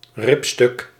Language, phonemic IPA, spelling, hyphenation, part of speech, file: Dutch, /ˈrɪp.stʏk/, ribstuk, rib‧stuk, noun, Nl-ribstuk.ogg
- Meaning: entrecôte